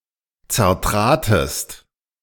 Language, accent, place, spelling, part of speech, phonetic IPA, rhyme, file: German, Germany, Berlin, zertratest, verb, [t͡sɛɐ̯ˈtʁaːtəst], -aːtəst, De-zertratest.ogg
- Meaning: second-person singular preterite of zertreten